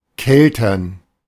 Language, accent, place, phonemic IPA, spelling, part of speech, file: German, Germany, Berlin, /ˈkɛltɐn/, keltern, verb, De-keltern.ogg
- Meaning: to press (to extract juice from fruits, especially grapes)